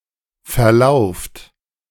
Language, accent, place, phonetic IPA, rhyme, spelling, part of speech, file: German, Germany, Berlin, [fɛɐ̯ˈlaʊ̯ft], -aʊ̯ft, verlauft, verb, De-verlauft.ogg
- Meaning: inflection of verlaufen: 1. second-person plural present 2. plural imperative